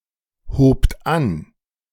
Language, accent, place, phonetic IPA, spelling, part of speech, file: German, Germany, Berlin, [hoːpt ˈan], hobt an, verb, De-hobt an.ogg
- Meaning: second-person plural preterite of anheben